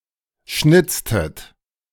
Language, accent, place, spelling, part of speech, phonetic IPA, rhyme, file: German, Germany, Berlin, schnitztet, verb, [ˈʃnɪt͡stət], -ɪt͡stət, De-schnitztet.ogg
- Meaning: inflection of schnitzen: 1. second-person plural preterite 2. second-person plural subjunctive II